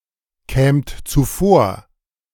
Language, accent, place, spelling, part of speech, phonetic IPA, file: German, Germany, Berlin, kämt zuvor, verb, [ˌkɛːmt t͡suˈfoːɐ̯], De-kämt zuvor.ogg
- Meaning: second-person plural subjunctive II of zuvorkommen